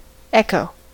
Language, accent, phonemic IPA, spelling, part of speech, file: English, US, /ˈɛk.oʊ/, echo, noun / verb, En-us-echo.ogg
- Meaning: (noun) 1. A reflected sound that is heard again by its initial observer 2. An utterance repeating what has just been said